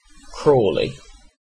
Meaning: A place in England: 1. A large town and borough in West Sussex 2. A hamlet in Membury parish, East Devon district, Devon (OS grid ref ST2607)
- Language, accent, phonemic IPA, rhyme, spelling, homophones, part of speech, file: English, UK, /ˈkɹɔːli/, -ɔːli, Crawley, crawly, proper noun, En-uk-Crawley.ogg